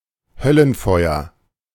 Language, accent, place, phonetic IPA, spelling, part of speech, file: German, Germany, Berlin, [ˈhœlənˌfɔɪ̯ɐ], Höllenfeuer, noun, De-Höllenfeuer.ogg
- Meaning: hellfire